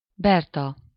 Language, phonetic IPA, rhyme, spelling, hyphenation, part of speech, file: Hungarian, [ˈbɛrtɒ], -tɒ, Berta, Ber‧ta, proper noun, Hu-Berta.ogg
- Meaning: a female given name, equivalent to English Bertha